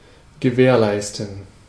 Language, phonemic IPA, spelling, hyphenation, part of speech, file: German, /ɡəˈvɛːʁˌlaɪ̯stən/, gewährleisten, ge‧währ‧leis‧ten, verb, De-gewährleisten.ogg
- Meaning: 1. to ensure 2. to guarantee